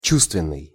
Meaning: 1. perceptional, sensory 2. sensual
- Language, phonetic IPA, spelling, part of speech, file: Russian, [ˈt͡ɕustvʲɪn(ː)ɨj], чувственный, adjective, Ru-чувственный.ogg